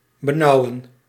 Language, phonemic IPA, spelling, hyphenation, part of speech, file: Dutch, /bəˈnɑu̯ə(n)/, benauwen, be‧nau‧wen, verb, Nl-benauwen.ogg
- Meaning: 1. to confine, to enclose 2. to oppress 3. to distress